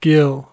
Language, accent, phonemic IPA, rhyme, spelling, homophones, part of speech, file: English, US, /ɡɪl/, -ɪl, gill, ghyll, noun / verb, En-us-gill.ogg
- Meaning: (noun) 1. A breathing organ of fish and other aquatic animals 2. A gill slit or gill cover